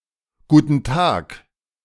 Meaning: hello; hullo; good day; good afternoon (greeting said when meeting or acknowledging someone)
- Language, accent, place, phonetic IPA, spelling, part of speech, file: German, Germany, Berlin, [ˌɡuːtn̩ ˈtʰaːkʰ], guten Tag, interjection, De-guten Tag2.ogg